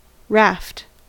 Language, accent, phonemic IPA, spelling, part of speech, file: English, US, /ɹæft/, raft, noun / verb, En-us-raft.ogg
- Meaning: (noun) 1. A flat-bottomed craft able to float and drift on water, used for transport or as a waterborne platform 2. Any flattish thing, usually wooden, used in a similar fashion